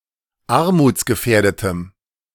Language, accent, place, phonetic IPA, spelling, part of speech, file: German, Germany, Berlin, [ˈaʁmuːt͡sɡəˌfɛːɐ̯dətəm], armutsgefährdetem, adjective, De-armutsgefährdetem.ogg
- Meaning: strong dative masculine/neuter singular of armutsgefährdet